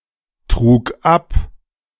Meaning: first/third-person singular preterite of abtragen
- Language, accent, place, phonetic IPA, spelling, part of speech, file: German, Germany, Berlin, [ˌtʁuːk ˈap], trug ab, verb, De-trug ab.ogg